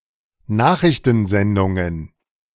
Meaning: plural of Nachrichtensendung
- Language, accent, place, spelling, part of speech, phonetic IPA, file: German, Germany, Berlin, Nachrichtensendungen, noun, [ˈnaːxʁɪçtənˌzɛndʊŋən], De-Nachrichtensendungen.ogg